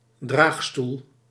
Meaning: 1. sedan chair (portable chair used as a mode of transport) 2. synonym of draagkoets, litter (portable bed or couch used as a mode of transport)
- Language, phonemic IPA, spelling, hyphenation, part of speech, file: Dutch, /ˈdraːx.stul/, draagstoel, draag‧stoel, noun, Nl-draagstoel.ogg